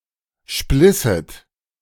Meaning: second-person plural subjunctive II of spleißen
- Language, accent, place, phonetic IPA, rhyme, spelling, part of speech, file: German, Germany, Berlin, [ˈʃplɪsət], -ɪsət, splisset, verb, De-splisset.ogg